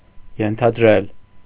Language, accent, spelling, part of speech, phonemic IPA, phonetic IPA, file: Armenian, Eastern Armenian, ենթադրել, verb, /jentʰɑdˈɾel/, [jentʰɑdɾél], Hy-ենթադրել.ogg
- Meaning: to suppose, assume, presume